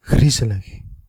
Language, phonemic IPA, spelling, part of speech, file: Dutch, /ˈɣrizələx/, griezelig, adjective, Nl-griezelig.ogg
- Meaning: creepy, frightening, grisly